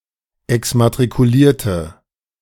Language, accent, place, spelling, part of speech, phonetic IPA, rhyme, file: German, Germany, Berlin, exmatrikulierte, adjective / verb, [ɛksmatʁikuˈliːɐ̯tə], -iːɐ̯tə, De-exmatrikulierte.ogg
- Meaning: inflection of exmatrikuliert: 1. strong/mixed nominative/accusative feminine singular 2. strong nominative/accusative plural 3. weak nominative all-gender singular